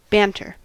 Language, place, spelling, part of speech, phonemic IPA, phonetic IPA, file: English, California, banter, noun / verb, /ˈbæntɚ/, [ˈbɛən.tɚ], En-us-banter.ogg
- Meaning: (noun) Sharp, good-humoured, playful, typically spontaneous conversation